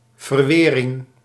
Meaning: weathering
- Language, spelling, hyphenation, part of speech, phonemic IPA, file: Dutch, verwering, ver‧we‧ring, noun, /vərˈwerɪŋ/, Nl-verwering.ogg